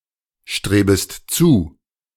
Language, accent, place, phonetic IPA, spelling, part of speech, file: German, Germany, Berlin, [ˌʃtʁeːbəst ˈt͡suː], strebest zu, verb, De-strebest zu.ogg
- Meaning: second-person singular subjunctive I of zustreben